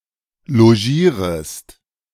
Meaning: second-person singular subjunctive I of logieren
- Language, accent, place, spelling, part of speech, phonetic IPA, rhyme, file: German, Germany, Berlin, logierest, verb, [loˈʒiːʁəst], -iːʁəst, De-logierest.ogg